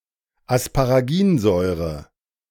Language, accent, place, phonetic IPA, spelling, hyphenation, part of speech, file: German, Germany, Berlin, [aspaʁaˈɡiːnˌzɔɪ̯ʁə], Asparaginsäure, As‧pa‧ra‧gin‧säu‧re, noun, De-Asparaginsäure.ogg
- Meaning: aspartic acid (a nonessential amino acid)